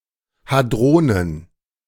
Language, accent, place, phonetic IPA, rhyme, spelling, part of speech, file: German, Germany, Berlin, [haˈdʁoːnən], -oːnən, Hadronen, noun, De-Hadronen.ogg
- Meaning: plural of Hadron